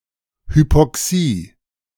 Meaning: hypoxia
- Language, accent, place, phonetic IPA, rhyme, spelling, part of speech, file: German, Germany, Berlin, [hypɔˈksiː], -iː, Hypoxie, noun, De-Hypoxie.ogg